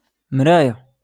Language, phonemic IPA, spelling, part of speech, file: Moroccan Arabic, /mraː.ja/, مراية, noun, LL-Q56426 (ary)-مراية.wav
- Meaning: mirror